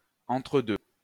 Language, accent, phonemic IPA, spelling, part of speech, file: French, France, /ɑ̃.tʁə.dø/, entre-deux, noun, LL-Q150 (fra)-entre-deux.wav
- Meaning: 1. interspace, gap (between two things) 2. half-time, intervening period 3. jump ball, drop ball